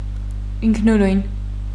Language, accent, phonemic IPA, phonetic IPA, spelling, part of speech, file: Armenian, Eastern Armenian, /inkʰnuˈɾujn/, [iŋkʰnuɾújn], ինքնուրույն, adjective, Hy-ինքնուրույն.ogg
- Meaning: independent, self-determined